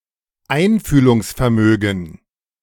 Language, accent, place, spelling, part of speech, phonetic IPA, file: German, Germany, Berlin, Einfühlungsvermögen, noun, [ˈaɪ̯nfyːlʊŋsfɛɐ̯ˌmøːɡn̩], De-Einfühlungsvermögen.ogg
- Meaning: empathy (capacity to understand another person's point of view)